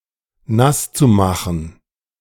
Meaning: zu-infinitive of nassmachen
- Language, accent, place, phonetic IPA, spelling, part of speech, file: German, Germany, Berlin, [ˈnast͡suˌmaxn̩], nasszumachen, verb, De-nasszumachen.ogg